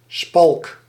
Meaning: splint (supportive and immobilising device)
- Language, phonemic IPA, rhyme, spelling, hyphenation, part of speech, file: Dutch, /spɑlk/, -ɑlk, spalk, spalk, noun, Nl-spalk.ogg